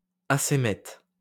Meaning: acoemetic
- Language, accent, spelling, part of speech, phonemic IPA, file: French, France, acémète, adjective, /a.se.mɛt/, LL-Q150 (fra)-acémète.wav